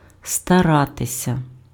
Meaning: 1. to try, to attempt 2. to endeavour/endeavor, to make an effort 3. to pursue 4. to strive
- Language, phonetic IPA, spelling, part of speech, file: Ukrainian, [stɐˈratesʲɐ], старатися, verb, Uk-старатися.ogg